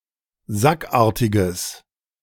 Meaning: strong/mixed nominative/accusative neuter singular of sackartig
- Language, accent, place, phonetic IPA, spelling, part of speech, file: German, Germany, Berlin, [ˈzakˌʔaːɐ̯tɪɡəs], sackartiges, adjective, De-sackartiges.ogg